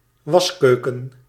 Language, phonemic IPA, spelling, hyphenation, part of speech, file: Dutch, /ˈʋɑsˌkøː.kə(n)/, waskeuken, was‧keu‧ken, noun, Nl-waskeuken.ogg
- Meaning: a scullery, used for washing in particular